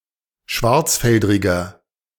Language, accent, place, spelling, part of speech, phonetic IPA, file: German, Germany, Berlin, schwarzfeldriger, adjective, [ˈʃvaʁt͡sˌfɛldʁɪɡɐ], De-schwarzfeldriger.ogg
- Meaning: inflection of schwarzfeldrig: 1. strong/mixed nominative masculine singular 2. strong genitive/dative feminine singular 3. strong genitive plural